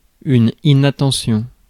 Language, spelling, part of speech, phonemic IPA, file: French, inattention, noun, /i.na.tɑ̃.sjɔ̃/, Fr-inattention.ogg
- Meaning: inattention